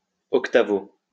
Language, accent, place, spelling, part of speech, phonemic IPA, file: French, France, Lyon, 8o, adverb, /ɔk.ta.vo/, LL-Q150 (fra)-8o.wav
- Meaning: 8th (abbreviation of octavo)